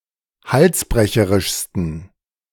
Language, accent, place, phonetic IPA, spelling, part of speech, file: German, Germany, Berlin, [ˈhalsˌbʁɛçəʁɪʃstn̩], halsbrecherischsten, adjective, De-halsbrecherischsten.ogg
- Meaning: 1. superlative degree of halsbrecherisch 2. inflection of halsbrecherisch: strong genitive masculine/neuter singular superlative degree